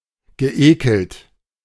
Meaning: past participle of ekeln
- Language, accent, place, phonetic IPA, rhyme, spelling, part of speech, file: German, Germany, Berlin, [ɡəˈʔeːkl̩t], -eːkl̩t, geekelt, verb, De-geekelt.ogg